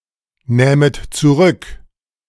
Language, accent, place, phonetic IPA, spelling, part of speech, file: German, Germany, Berlin, [ˌnɛːmət t͡suˈʁʏk], nähmet zurück, verb, De-nähmet zurück.ogg
- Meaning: second-person plural subjunctive II of zurücknehmen